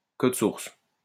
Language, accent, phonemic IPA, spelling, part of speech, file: French, France, /kɔd suʁs/, code source, noun, LL-Q150 (fra)-code source.wav
- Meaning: source code